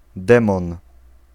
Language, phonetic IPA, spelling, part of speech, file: Polish, [ˈdɛ̃mɔ̃n], demon, noun, Pl-demon.ogg